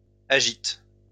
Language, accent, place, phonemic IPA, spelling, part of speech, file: French, France, Lyon, /a.ʒit/, agite, verb, LL-Q150 (fra)-agite.wav
- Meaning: inflection of agiter: 1. first/third-person singular present indicative/subjunctive 2. second-person singular imperative